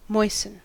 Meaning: 1. To make moist or moister 2. To become moist or moister
- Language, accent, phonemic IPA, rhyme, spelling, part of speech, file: English, US, /ˈmɔɪsən/, -ɔɪsən, moisten, verb, En-us-moisten.ogg